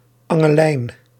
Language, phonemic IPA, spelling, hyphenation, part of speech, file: Dutch, /ˈɑ.ŋə(l)ˌlɛi̯n/, angellijn, an‧gel‧lijn, noun, Nl-angellijn.ogg
- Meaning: a fishing line